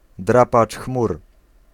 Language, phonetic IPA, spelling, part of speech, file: Polish, [ˈdrapat͡ʃ ˈxmur], drapacz chmur, noun, Pl-drapacz chmur.ogg